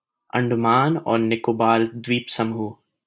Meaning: Andaman and Nicobar Islands (an archipelago and union territory of India in the Bay of Bengal)
- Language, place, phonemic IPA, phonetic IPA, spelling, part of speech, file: Hindi, Delhi, /əɳ.ɖə.mɑːn ɔːɾ nɪ.koː.bɑːɾ d̪ʋiːp.sə.muːɦ/, [ɐ̃ɳ.ɖɐ.mä̃ːn‿ɔːɾ‿nɪ.koː.bäːɾ‿d̪wiːp.sɐ.muːʱ], अंडमान और निकोबार द्वीपसमूह, proper noun, LL-Q1568 (hin)-अंडमान और निकोबार द्वीपसमूह.wav